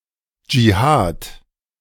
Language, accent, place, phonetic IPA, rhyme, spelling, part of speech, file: German, Germany, Berlin, [d͡ʒiˈhaːt], -aːt, Jihad, noun, De-Jihad.ogg
- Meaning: alternative spelling of Dschihad